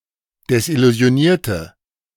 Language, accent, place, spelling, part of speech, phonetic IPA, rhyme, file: German, Germany, Berlin, desillusionierte, adjective / verb, [dɛsʔɪluzi̯oˈniːɐ̯tə], -iːɐ̯tə, De-desillusionierte.ogg
- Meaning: inflection of desillusioniert: 1. strong/mixed nominative/accusative feminine singular 2. strong nominative/accusative plural 3. weak nominative all-gender singular